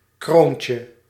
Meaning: diminutive of kroon
- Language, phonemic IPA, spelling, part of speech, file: Dutch, /ˈkroːn.tjə/, kroontje, noun, Nl-kroontje.ogg